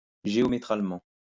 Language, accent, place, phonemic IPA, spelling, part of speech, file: French, France, Lyon, /ʒe.ɔ.me.tʁal.mɑ̃/, géométralement, adverb, LL-Q150 (fra)-géométralement.wav
- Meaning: geometrally